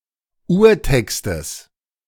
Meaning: genitive of Urtext
- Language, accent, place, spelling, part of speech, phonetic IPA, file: German, Germany, Berlin, Urtextes, noun, [ˈuːɐ̯ˌtɛkstəs], De-Urtextes.ogg